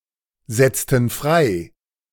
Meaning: inflection of freisetzen: 1. first/third-person plural preterite 2. first/third-person plural subjunctive II
- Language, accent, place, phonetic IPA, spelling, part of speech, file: German, Germany, Berlin, [ˌzɛt͡stn̩ ˈfʁaɪ̯], setzten frei, verb, De-setzten frei.ogg